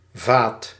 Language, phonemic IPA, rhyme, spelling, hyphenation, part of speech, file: Dutch, /vaːt/, -aːt, vaat, vaat, noun, Nl-vaat.ogg
- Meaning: dishes, washing-up